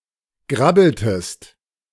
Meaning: inflection of grabbeln: 1. second-person singular preterite 2. second-person singular subjunctive II
- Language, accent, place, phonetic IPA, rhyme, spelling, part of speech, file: German, Germany, Berlin, [ˈɡʁabl̩təst], -abl̩təst, grabbeltest, verb, De-grabbeltest.ogg